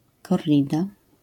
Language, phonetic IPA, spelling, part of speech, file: Polish, [kɔrˈrʲida], korrida, noun, LL-Q809 (pol)-korrida.wav